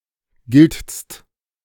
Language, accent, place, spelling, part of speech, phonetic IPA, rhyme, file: German, Germany, Berlin, giltst, verb, [ɡɪlt͡st], -ɪlt͡st, De-giltst.ogg
- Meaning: second-person singular present of gelten